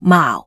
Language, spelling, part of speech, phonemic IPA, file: Cantonese, maau4, romanization, /maːu˩/, Yue-maau4.ogg
- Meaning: Jyutping transcription of 矛